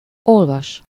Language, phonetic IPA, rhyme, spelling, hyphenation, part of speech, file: Hungarian, [ˈolvɒʃ], -ɒʃ, olvas, ol‧vas, verb, Hu-olvas.ogg
- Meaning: 1. to read 2. to count